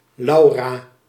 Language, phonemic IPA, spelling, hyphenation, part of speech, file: Dutch, /ˈlɑu̯.raː/, Laura, Lau‧ra, proper noun, Nl-Laura.ogg
- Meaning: a female given name